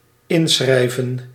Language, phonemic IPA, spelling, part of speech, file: Dutch, /ˈɪnsxrɛivə(n)/, inschrijven, verb, Nl-inschrijven.ogg
- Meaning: to register